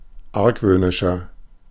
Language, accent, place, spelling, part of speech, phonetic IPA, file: German, Germany, Berlin, argwöhnischer, adjective, [ˈaʁkvøːnɪʃɐ], De-argwöhnischer.ogg
- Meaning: 1. comparative degree of argwöhnisch 2. inflection of argwöhnisch: strong/mixed nominative masculine singular 3. inflection of argwöhnisch: strong genitive/dative feminine singular